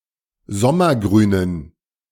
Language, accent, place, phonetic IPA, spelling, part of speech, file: German, Germany, Berlin, [ˈzɔmɐˌɡʁyːnən], sommergrünen, adjective, De-sommergrünen.ogg
- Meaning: inflection of sommergrün: 1. strong genitive masculine/neuter singular 2. weak/mixed genitive/dative all-gender singular 3. strong/weak/mixed accusative masculine singular 4. strong dative plural